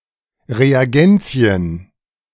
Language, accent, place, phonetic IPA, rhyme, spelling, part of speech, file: German, Germany, Berlin, [ʁeaˈɡɛnt͡si̯ən], -ɛnt͡si̯ən, Reagenzien, noun, De-Reagenzien.ogg
- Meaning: plural of Reagenz